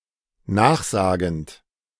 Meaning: present participle of nachsagen
- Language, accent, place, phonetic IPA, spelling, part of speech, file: German, Germany, Berlin, [ˈnaːxˌzaːɡn̩t], nachsagend, verb, De-nachsagend.ogg